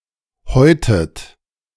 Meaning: inflection of häuten: 1. third-person singular present 2. second-person plural present 3. second-person plural subjunctive I 4. plural imperative
- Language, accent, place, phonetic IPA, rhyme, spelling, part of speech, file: German, Germany, Berlin, [ˈhɔɪ̯tət], -ɔɪ̯tət, häutet, verb, De-häutet.ogg